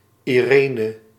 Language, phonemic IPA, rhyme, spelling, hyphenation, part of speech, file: Dutch, /ˌiˈreː.nə/, -eːnə, Irene, Ire‧ne, proper noun, Nl-Irene.ogg
- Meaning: a female given name